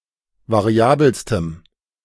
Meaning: strong dative masculine/neuter singular superlative degree of variabel
- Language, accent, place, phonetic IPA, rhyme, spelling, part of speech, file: German, Germany, Berlin, [vaˈʁi̯aːbl̩stəm], -aːbl̩stəm, variabelstem, adjective, De-variabelstem.ogg